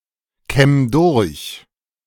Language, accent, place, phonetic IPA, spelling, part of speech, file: German, Germany, Berlin, [ˌkɛm ˈdʊʁç], kämm durch, verb, De-kämm durch.ogg
- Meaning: 1. singular imperative of durchkämmen 2. first-person singular present of durchkämmen